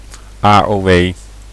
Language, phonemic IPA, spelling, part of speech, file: Dutch, /aː.oːˈʋeː/, AOW, noun, Nl-AOW.ogg
- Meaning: 1. initialism of algemene ouderdomswet 2. initialism of arbeidsongevallenwet